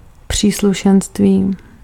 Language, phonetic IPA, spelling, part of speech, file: Czech, [ˈpr̝̊iːsluʃɛnstviː], příslušenství, noun, Cs-příslušenství.ogg
- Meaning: accessories